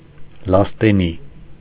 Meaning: alder-tree
- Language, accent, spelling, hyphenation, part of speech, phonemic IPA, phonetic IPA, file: Armenian, Eastern Armenian, լաստենի, լաս‧տե‧նի, noun, /lɑsteˈni/, [lɑstení], Hy-լաստենի.ogg